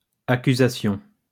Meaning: plural of accusation
- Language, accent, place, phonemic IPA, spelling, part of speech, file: French, France, Lyon, /a.ky.za.sjɔ̃/, accusations, noun, LL-Q150 (fra)-accusations.wav